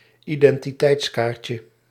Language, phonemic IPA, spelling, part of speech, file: Dutch, /ˌidɛntiˈtɛitskarcə/, identiteitskaartje, noun, Nl-identiteitskaartje.ogg
- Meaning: diminutive of identiteitskaart